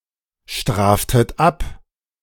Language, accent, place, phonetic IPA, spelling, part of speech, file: German, Germany, Berlin, [ˌʃtʁaːftət ˈap], straftet ab, verb, De-straftet ab.ogg
- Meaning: second-person plural subjunctive I of abstrafen